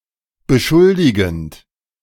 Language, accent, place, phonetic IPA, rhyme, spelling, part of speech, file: German, Germany, Berlin, [bəˈʃʊldɪɡn̩t], -ʊldɪɡn̩t, beschuldigend, verb, De-beschuldigend.ogg
- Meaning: present participle of beschuldigen